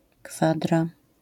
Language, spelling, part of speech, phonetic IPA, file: Polish, kwadra, noun, [ˈkfadra], LL-Q809 (pol)-kwadra.wav